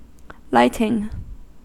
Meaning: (noun) 1. The equipment used to provide illumination; the illumination so provided 2. The act of activating such equipment, or of igniting a flame etc 3. The process of annealing metals
- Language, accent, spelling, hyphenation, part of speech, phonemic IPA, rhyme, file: English, General American, lighting, light‧ing, noun / verb, /ˈlaɪtɪŋ/, -aɪtɪŋ, En-us-lighting.ogg